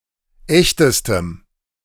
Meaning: strong dative masculine/neuter singular superlative degree of echt
- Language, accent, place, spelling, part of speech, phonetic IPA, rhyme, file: German, Germany, Berlin, echtestem, adjective, [ˈɛçtəstəm], -ɛçtəstəm, De-echtestem.ogg